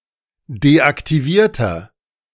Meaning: inflection of deaktiviert: 1. strong/mixed nominative masculine singular 2. strong genitive/dative feminine singular 3. strong genitive plural
- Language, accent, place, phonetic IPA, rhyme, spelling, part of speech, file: German, Germany, Berlin, [deʔaktiˈviːɐ̯tɐ], -iːɐ̯tɐ, deaktivierter, adjective, De-deaktivierter.ogg